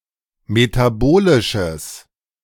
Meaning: strong/mixed nominative/accusative neuter singular of metabolisch
- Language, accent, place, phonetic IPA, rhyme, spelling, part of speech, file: German, Germany, Berlin, [metaˈboːlɪʃəs], -oːlɪʃəs, metabolisches, adjective, De-metabolisches.ogg